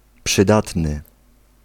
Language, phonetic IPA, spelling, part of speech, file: Polish, [pʃɨˈdatnɨ], przydatny, adjective, Pl-przydatny.ogg